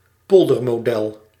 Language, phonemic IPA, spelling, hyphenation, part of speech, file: Dutch, /ˈpɔl.dər.moːˈdɛl/, poldermodel, pol‧der‧mo‧del, noun, Nl-poldermodel.ogg
- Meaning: polder model; a form of economic decision making by consensus, including the government and the social partners, that is the trade unions and employers' organisations